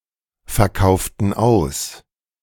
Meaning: inflection of ausverkaufen: 1. first/third-person plural preterite 2. first/third-person plural subjunctive II
- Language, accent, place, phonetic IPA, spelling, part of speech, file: German, Germany, Berlin, [fɛɐ̯ˌkaʊ̯ftn̩ ˈaʊ̯s], verkauften aus, verb, De-verkauften aus.ogg